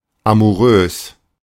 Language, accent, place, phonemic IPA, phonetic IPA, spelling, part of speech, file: German, Germany, Berlin, /amuˈʁøːs/, [ʔamuˈʁøːs], amourös, adjective, De-amourös.ogg
- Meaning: amorous